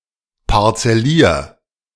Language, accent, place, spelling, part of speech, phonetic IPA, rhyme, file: German, Germany, Berlin, parzellier, verb, [paʁt͡sɛˈliːɐ̯], -iːɐ̯, De-parzellier.ogg
- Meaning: 1. singular imperative of parzellieren 2. first-person singular present of parzellieren